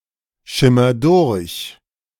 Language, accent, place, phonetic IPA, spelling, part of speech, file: German, Germany, Berlin, [ˌʃɪmɐ ˈdʊʁç], schimmer durch, verb, De-schimmer durch.ogg
- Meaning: inflection of durchschimmern: 1. first-person singular present 2. singular imperative